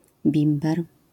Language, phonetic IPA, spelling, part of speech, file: Polish, [ˈbʲĩmbɛr], bimber, noun, LL-Q809 (pol)-bimber.wav